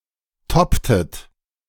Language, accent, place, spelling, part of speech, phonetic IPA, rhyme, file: German, Germany, Berlin, topptet, verb, [ˈtɔptət], -ɔptət, De-topptet.ogg
- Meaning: inflection of toppen: 1. second-person plural preterite 2. second-person plural subjunctive II